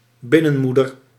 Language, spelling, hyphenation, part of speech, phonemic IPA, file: Dutch, binnenmoeder, bin‧nen‧moe‧der, noun, /ˈbɪ.nə(n)ˌmu.dər/, Nl-binnenmoeder.ogg
- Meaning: headmistress of an orphanage